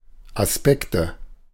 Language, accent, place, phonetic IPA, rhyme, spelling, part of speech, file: German, Germany, Berlin, [asˈpɛktə], -ɛktə, Aspekte, noun, De-Aspekte.ogg
- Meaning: nominative/accusative/genitive plural of Aspekt